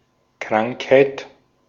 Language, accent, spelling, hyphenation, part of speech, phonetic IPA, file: German, Austria, Krankheit, Krank‧heit, noun, [ˈkʁaŋkˌhaɪ̯t], De-at-Krankheit.ogg
- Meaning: 1. sickness, illness 2. disease